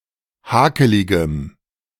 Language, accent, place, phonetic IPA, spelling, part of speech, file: German, Germany, Berlin, [ˈhaːkəlɪɡəm], hakeligem, adjective, De-hakeligem.ogg
- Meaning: strong dative masculine/neuter singular of hakelig